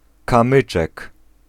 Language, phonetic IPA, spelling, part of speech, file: Polish, [kãˈmɨt͡ʃɛk], kamyczek, noun, Pl-kamyczek.ogg